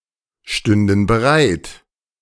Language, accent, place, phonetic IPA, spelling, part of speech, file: German, Germany, Berlin, [ˌʃtʏndn̩ bəˈʁaɪ̯t], stünden bereit, verb, De-stünden bereit.ogg
- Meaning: first/third-person plural subjunctive II of bereitstehen